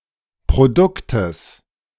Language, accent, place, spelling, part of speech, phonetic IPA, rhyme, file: German, Germany, Berlin, Produktes, noun, [pʁoˈdʊktəs], -ʊktəs, De-Produktes.ogg
- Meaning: genitive singular of Produkt